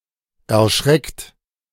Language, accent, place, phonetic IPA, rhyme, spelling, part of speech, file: German, Germany, Berlin, [ɛɐ̯ˈʃʁɛkt], -ɛkt, erschreckt, verb, De-erschreckt.ogg
- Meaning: 1. past participle of erschrecken 2. third-person singular present of erschrecken